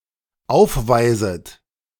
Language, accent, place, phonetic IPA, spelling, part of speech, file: German, Germany, Berlin, [ˈaʊ̯fˌvaɪ̯zət], aufweiset, verb, De-aufweiset.ogg
- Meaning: second-person plural dependent subjunctive I of aufweisen